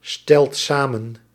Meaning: inflection of samenstellen: 1. second/third-person singular present indicative 2. plural imperative
- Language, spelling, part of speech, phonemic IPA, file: Dutch, stelt samen, verb, /ˈstɛlt ˈsamə(n)/, Nl-stelt samen.ogg